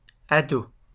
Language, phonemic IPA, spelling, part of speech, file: French, /a.do/, ados, noun, LL-Q150 (fra)-ados.wav
- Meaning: 1. plural of ado 2. a sloping mound of earth, against a wall, used for sowing